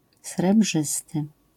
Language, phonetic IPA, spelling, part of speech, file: Polish, [srɛˈbʒɨstɨ], srebrzysty, adjective, LL-Q809 (pol)-srebrzysty.wav